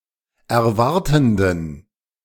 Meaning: inflection of erwartend: 1. strong genitive masculine/neuter singular 2. weak/mixed genitive/dative all-gender singular 3. strong/weak/mixed accusative masculine singular 4. strong dative plural
- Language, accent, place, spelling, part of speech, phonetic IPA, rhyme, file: German, Germany, Berlin, erwartenden, adjective, [ɛɐ̯ˈvaʁtn̩dən], -aʁtn̩dən, De-erwartenden.ogg